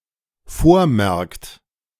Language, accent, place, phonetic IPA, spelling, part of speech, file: German, Germany, Berlin, [ˈfoːɐ̯ˌmɛʁkt], vormerkt, verb, De-vormerkt.ogg
- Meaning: inflection of vormerken: 1. third-person singular dependent present 2. second-person plural dependent present